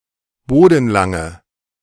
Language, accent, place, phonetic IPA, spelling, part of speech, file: German, Germany, Berlin, [ˈboːdn̩ˌlaŋə], bodenlange, adjective, De-bodenlange.ogg
- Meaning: inflection of bodenlang: 1. strong/mixed nominative/accusative feminine singular 2. strong nominative/accusative plural 3. weak nominative all-gender singular